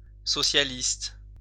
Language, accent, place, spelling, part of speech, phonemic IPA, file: French, France, Lyon, socialiste, adjective / noun, /sɔ.sja.list/, LL-Q150 (fra)-socialiste.wav
- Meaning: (adjective) socialist